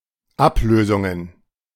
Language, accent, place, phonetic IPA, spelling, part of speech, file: German, Germany, Berlin, [ˈapˌløːzʊŋən], Ablösungen, noun, De-Ablösungen.ogg
- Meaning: plural of Ablösung